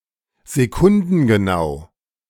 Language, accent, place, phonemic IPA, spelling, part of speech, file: German, Germany, Berlin, /zeˈkʊndn̩ɡəˌnaʊ̯/, sekundengenau, adjective, De-sekundengenau.ogg
- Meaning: accurate to the second